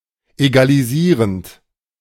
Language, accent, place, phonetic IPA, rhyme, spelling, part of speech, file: German, Germany, Berlin, [ˌeɡaliˈziːʁənt], -iːʁənt, egalisierend, verb, De-egalisierend.ogg
- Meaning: present participle of egalisieren